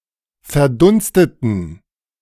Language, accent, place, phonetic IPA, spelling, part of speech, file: German, Germany, Berlin, [fɛɐ̯ˈdʊnstətn̩], verdunsteten, adjective / verb, De-verdunsteten.ogg
- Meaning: inflection of verdunstet: 1. strong genitive masculine/neuter singular 2. weak/mixed genitive/dative all-gender singular 3. strong/weak/mixed accusative masculine singular 4. strong dative plural